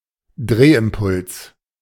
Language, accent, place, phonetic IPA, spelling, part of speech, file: German, Germany, Berlin, [ˈdʀeːʔɪmˌpʊls], Drehimpuls, noun, De-Drehimpuls.ogg
- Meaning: angular momentum